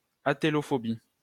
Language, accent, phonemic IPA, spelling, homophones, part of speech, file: French, France, /a.te.lɔ.fɔ.bi/, atélophobie, atélophobies, noun, LL-Q150 (fra)-atélophobie.wav
- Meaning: atelophobia